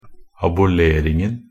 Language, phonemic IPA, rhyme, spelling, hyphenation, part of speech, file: Norwegian Bokmål, /abʊˈleːrɪŋn̩/, -ɪŋn̩, aboleringen, a‧bo‧ler‧ing‧en, noun, Nb-aboleringen.ogg
- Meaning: definite singular of abolering